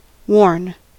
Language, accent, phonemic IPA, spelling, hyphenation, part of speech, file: English, General American, /woɹn/, worn, worn, adjective / verb, En-us-worn.ogg
- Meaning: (adjective) 1. Damaged and shabby as a result of much use 2. Worn out; exhausted; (verb) past participle of wear